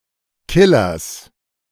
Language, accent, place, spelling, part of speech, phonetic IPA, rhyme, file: German, Germany, Berlin, Killers, noun, [ˈkɪlɐs], -ɪlɐs, De-Killers.ogg
- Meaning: genitive singular of Killer